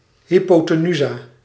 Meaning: hypotenuse (side of a right triangle opposite the right angle)
- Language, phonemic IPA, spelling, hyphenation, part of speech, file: Dutch, /ˌɦipoːtəˈnyzaː/, hypotenusa, hy‧po‧te‧nu‧sa, noun, Nl-hypotenusa.ogg